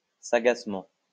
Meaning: wisely
- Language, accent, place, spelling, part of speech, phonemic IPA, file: French, France, Lyon, sagacement, adverb, /sa.ɡas.mɑ̃/, LL-Q150 (fra)-sagacement.wav